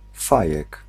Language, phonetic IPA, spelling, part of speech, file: Polish, [ˈfajɛk], fajek, noun, Pl-fajek.ogg